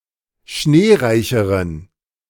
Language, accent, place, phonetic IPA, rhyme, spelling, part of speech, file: German, Germany, Berlin, [ˈʃneːˌʁaɪ̯çəʁən], -eːʁaɪ̯çəʁən, schneereicheren, adjective, De-schneereicheren.ogg
- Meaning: inflection of schneereich: 1. strong genitive masculine/neuter singular comparative degree 2. weak/mixed genitive/dative all-gender singular comparative degree